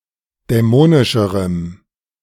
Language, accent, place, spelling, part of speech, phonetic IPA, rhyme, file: German, Germany, Berlin, dämonischerem, adjective, [dɛˈmoːnɪʃəʁəm], -oːnɪʃəʁəm, De-dämonischerem.ogg
- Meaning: strong dative masculine/neuter singular comparative degree of dämonisch